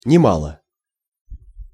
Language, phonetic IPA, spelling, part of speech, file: Russian, [nʲɪˈmaɫə], немало, adverb / adjective, Ru-немало.ogg
- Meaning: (adverb) 1. quite a bit, a great deal 2. considerably; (adjective) short neuter singular of нема́лый (nemályj)